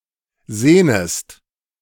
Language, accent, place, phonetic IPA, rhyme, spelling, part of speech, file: German, Germany, Berlin, [ˈzeːnəst], -eːnəst, sehnest, verb, De-sehnest.ogg
- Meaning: second-person singular subjunctive I of sehnen